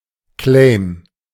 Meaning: 1. claim 2. advertising slogan
- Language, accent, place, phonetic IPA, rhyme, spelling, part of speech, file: German, Germany, Berlin, [klɛɪ̯m], -ɛɪ̯m, Claim, noun, De-Claim.ogg